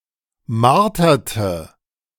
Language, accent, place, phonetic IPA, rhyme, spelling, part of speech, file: German, Germany, Berlin, [ˈmaʁtɐtə], -aʁtɐtə, marterte, verb, De-marterte.ogg
- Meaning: inflection of martern: 1. first/third-person singular preterite 2. first/third-person singular subjunctive II